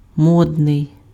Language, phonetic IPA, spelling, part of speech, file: Ukrainian, [ˈmɔdnei̯], модний, adjective, Uk-модний.ogg
- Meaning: fashionable, modish, trendy